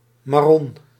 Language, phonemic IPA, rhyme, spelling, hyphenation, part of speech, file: Dutch, /mɑˈrɔn/, -ɔn, marron, mar‧ron, noun, Nl-marron.ogg